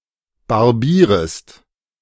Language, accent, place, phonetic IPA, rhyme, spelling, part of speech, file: German, Germany, Berlin, [baʁˈbiːʁəst], -iːʁəst, barbierest, verb, De-barbierest.ogg
- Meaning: second-person singular subjunctive I of barbieren